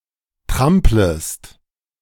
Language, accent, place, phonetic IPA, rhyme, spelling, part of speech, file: German, Germany, Berlin, [ˈtʁampləst], -ampləst, tramplest, verb, De-tramplest.ogg
- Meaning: second-person singular subjunctive I of trampeln